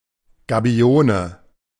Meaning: gabion
- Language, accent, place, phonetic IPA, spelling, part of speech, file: German, Germany, Berlin, [ɡaˈbi̯oːnə], Gabione, noun, De-Gabione.ogg